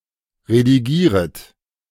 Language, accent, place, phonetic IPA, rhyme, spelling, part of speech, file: German, Germany, Berlin, [ʁediˈɡiːʁət], -iːʁət, redigieret, verb, De-redigieret.ogg
- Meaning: second-person plural subjunctive I of redigieren